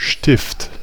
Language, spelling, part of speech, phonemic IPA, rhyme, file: German, Stift, noun, /ˈʃtɪft/, -ɪft, De-Stift.ogg
- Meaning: pin (short rod of metal, wood etc., used e.g. for fastening)